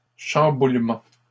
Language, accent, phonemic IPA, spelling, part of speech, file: French, Canada, /ʃɑ̃.bul.mɑ̃/, chamboulements, noun, LL-Q150 (fra)-chamboulements.wav
- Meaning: plural of chamboulement